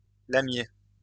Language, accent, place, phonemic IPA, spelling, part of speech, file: French, France, Lyon, /la.mje/, lamier, noun, LL-Q150 (fra)-lamier.wav
- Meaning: deadnettle